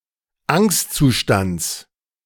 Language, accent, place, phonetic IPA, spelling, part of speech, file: German, Germany, Berlin, [ˈaŋstt͡suˌʃtant͡s], Angstzustands, noun, De-Angstzustands.ogg
- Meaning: genitive of Angstzustand